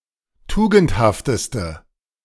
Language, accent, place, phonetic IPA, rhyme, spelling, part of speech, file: German, Germany, Berlin, [ˈtuːɡn̩thaftəstə], -uːɡn̩thaftəstə, tugendhafteste, adjective, De-tugendhafteste.ogg
- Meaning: inflection of tugendhaft: 1. strong/mixed nominative/accusative feminine singular superlative degree 2. strong nominative/accusative plural superlative degree